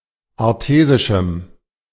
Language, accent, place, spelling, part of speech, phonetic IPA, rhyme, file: German, Germany, Berlin, artesischem, adjective, [aʁˈteːzɪʃm̩], -eːzɪʃm̩, De-artesischem.ogg
- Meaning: strong dative masculine/neuter singular of artesisch